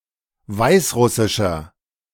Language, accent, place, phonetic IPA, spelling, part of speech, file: German, Germany, Berlin, [ˈvaɪ̯sˌʁʊsɪʃɐ], weißrussischer, adjective, De-weißrussischer.ogg
- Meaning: 1. comparative degree of weißrussisch 2. inflection of weißrussisch: strong/mixed nominative masculine singular 3. inflection of weißrussisch: strong genitive/dative feminine singular